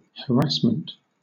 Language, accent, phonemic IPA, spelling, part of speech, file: English, Southern England, /həˈɹæsmənt/, harassment, noun, LL-Q1860 (eng)-harassment.wav
- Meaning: 1. Persistent attacks and criticism causing worry and distress 2. Deliberate pestering or intimidation 3. The use of repeated small-scale attacks to wear down an enemy force